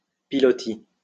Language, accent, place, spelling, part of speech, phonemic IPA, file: French, France, Lyon, pilotis, noun, /pi.lɔ.ti/, LL-Q150 (fra)-pilotis.wav
- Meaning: piloti